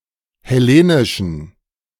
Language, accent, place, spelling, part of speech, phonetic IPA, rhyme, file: German, Germany, Berlin, hellenischen, adjective, [hɛˈleːnɪʃn̩], -eːnɪʃn̩, De-hellenischen.ogg
- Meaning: inflection of hellenisch: 1. strong genitive masculine/neuter singular 2. weak/mixed genitive/dative all-gender singular 3. strong/weak/mixed accusative masculine singular 4. strong dative plural